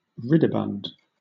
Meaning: Inclined to and easily brought to laughter; happy
- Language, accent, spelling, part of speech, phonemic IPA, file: English, Southern England, ridibund, adjective, /ˈɹɪdɪbʌnd/, LL-Q1860 (eng)-ridibund.wav